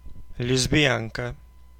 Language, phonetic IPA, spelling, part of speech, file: Russian, [lʲɪzbʲɪˈjankə], лесбиянка, noun, Ru-лесбиянка.oga
- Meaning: lesbian